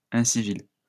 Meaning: uncivil
- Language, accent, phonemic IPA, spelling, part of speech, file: French, France, /ɛ̃.si.vil/, incivil, adjective, LL-Q150 (fra)-incivil.wav